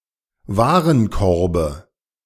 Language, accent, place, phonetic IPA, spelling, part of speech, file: German, Germany, Berlin, [ˈvaːʁənˌkɔʁbə], Warenkorbe, noun, De-Warenkorbe.ogg
- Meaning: dative of Warenkorb